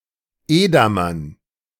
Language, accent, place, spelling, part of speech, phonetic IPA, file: German, Germany, Berlin, Edamern, noun, [ˈeːdamɐn], De-Edamern.ogg
- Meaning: dative plural of Edamer